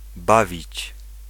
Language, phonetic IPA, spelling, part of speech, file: Polish, [ˈbavʲit͡ɕ], bawić, verb, Pl-bawić.ogg